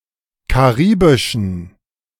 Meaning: inflection of karibisch: 1. strong genitive masculine/neuter singular 2. weak/mixed genitive/dative all-gender singular 3. strong/weak/mixed accusative masculine singular 4. strong dative plural
- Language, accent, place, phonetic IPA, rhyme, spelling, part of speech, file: German, Germany, Berlin, [kaˈʁiːbɪʃn̩], -iːbɪʃn̩, karibischen, adjective, De-karibischen.ogg